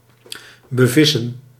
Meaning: 1. to fish at, to fish in (a body of water) 2. to fish for (fish or other aquatic organisms)
- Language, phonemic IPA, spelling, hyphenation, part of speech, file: Dutch, /bəˈvɪ.sə(n)/, bevissen, be‧vis‧sen, verb, Nl-bevissen.ogg